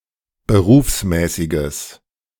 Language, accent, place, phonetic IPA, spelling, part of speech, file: German, Germany, Berlin, [bəˈʁuːfsˌmɛːsɪɡəs], berufsmäßiges, adjective, De-berufsmäßiges.ogg
- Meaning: strong/mixed nominative/accusative neuter singular of berufsmäßig